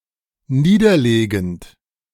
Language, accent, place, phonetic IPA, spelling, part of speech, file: German, Germany, Berlin, [ˈniːdɐˌleːɡn̩t], niederlegend, verb, De-niederlegend.ogg
- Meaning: present participle of niederlegen